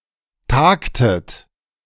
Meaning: inflection of tagen: 1. second-person plural preterite 2. second-person plural subjunctive II
- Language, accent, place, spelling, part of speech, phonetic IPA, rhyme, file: German, Germany, Berlin, tagtet, verb, [ˈtaːktət], -aːktət, De-tagtet.ogg